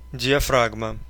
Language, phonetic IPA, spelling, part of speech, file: Russian, [dʲɪɐˈfraɡmə], диафрагма, noun, Ru-диафра́гма.ogg
- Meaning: 1. diaphragm 2. diaphragm shutter 3. stop (of the shutter) 4. diaphragm (female condom)